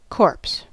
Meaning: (noun) 1. A dead body, especially that of a human as opposed to an animal 2. The dead body of any animal with flesh; the dead body of a vertebrate; a carcass
- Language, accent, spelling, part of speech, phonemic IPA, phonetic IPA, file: English, US, corpse, noun / verb, /koɹps/, [kʰo̞ɹps], En-us-corpse.ogg